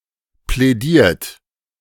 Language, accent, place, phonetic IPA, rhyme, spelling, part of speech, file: German, Germany, Berlin, [plɛˈdiːɐ̯t], -iːɐ̯t, plädiert, verb, De-plädiert.ogg
- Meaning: 1. past participle of plädieren 2. inflection of plädieren: third-person singular present 3. inflection of plädieren: second-person plural present 4. inflection of plädieren: plural imperative